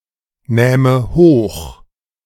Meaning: first/third-person singular subjunctive II of hochnehmen
- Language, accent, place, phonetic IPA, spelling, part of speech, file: German, Germany, Berlin, [ˌnɛːmə ˈhoːx], nähme hoch, verb, De-nähme hoch.ogg